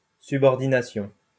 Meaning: 1. subordination 2. use of subclauses
- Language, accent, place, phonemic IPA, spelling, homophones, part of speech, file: French, France, Lyon, /sy.bɔʁ.di.na.sjɔ̃/, subordination, subordinations, noun, LL-Q150 (fra)-subordination.wav